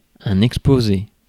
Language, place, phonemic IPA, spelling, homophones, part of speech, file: French, Paris, /ɛk.spo.ze/, exposé, exposée / exposées / exposer / exposés / exposez, adjective / noun, Fr-exposé.ogg
- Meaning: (adjective) exposed; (noun) presentation